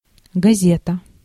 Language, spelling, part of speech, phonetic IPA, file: Russian, газета, noun, [ɡɐˈzʲetə], Ru-газета.ogg
- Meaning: newspaper